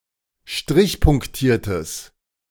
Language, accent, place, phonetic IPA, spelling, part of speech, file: German, Germany, Berlin, [ˈʃtʁɪçpʊŋkˌtiːɐ̯təs], strichpunktiertes, adjective, De-strichpunktiertes.ogg
- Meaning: strong/mixed nominative/accusative neuter singular of strichpunktiert